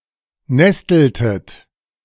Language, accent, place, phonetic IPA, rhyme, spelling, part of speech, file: German, Germany, Berlin, [ˈnɛstl̩tət], -ɛstl̩tət, nesteltet, verb, De-nesteltet.ogg
- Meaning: inflection of nesteln: 1. second-person plural preterite 2. second-person plural subjunctive II